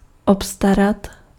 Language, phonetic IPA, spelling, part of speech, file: Czech, [ˈopstarat], obstarat, verb, Cs-obstarat.ogg
- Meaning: to procure, obtain